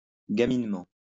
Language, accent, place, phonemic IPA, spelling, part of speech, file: French, France, Lyon, /ɡa.min.mɑ̃/, gaminement, adverb, LL-Q150 (fra)-gaminement.wav
- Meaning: mischievously